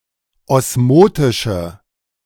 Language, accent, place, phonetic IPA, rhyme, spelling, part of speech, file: German, Germany, Berlin, [ˌɔsˈmoːtɪʃə], -oːtɪʃə, osmotische, adjective, De-osmotische.ogg
- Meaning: inflection of osmotisch: 1. strong/mixed nominative/accusative feminine singular 2. strong nominative/accusative plural 3. weak nominative all-gender singular